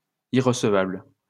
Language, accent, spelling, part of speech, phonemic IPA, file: French, France, irrecevable, adjective, /i.ʁə.sə.vabl/, LL-Q150 (fra)-irrecevable.wav
- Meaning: inadmissible, unacceptable